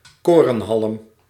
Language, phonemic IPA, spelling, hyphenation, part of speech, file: Dutch, /ˈkoː.rə(n)ˌɦɑlm/, korenhalm, koren‧halm, noun, Nl-korenhalm.ogg
- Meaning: stalk of corn (cereal stalk)